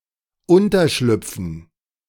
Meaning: to slip under, to find accommodation
- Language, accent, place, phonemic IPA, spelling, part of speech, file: German, Germany, Berlin, /ˈʊntərʃlʏpfən/, unterschlüpfen, verb, De-unterschlüpfen.ogg